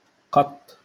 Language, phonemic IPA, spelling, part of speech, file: Moroccan Arabic, /qatˤː/, قط, noun, LL-Q56426 (ary)-قط.wav
- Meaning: cat